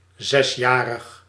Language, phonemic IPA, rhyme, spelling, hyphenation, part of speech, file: Dutch, /ˌzɛsˈjaː.rəx/, -aːrəx, zesjarig, zes‧ja‧rig, adjective, Nl-zesjarig.ogg
- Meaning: six-year-old